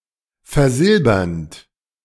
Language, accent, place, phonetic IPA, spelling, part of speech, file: German, Germany, Berlin, [fɛɐ̯ˈzɪlbɐnt], versilbernd, verb, De-versilbernd.ogg
- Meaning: present participle of versilbern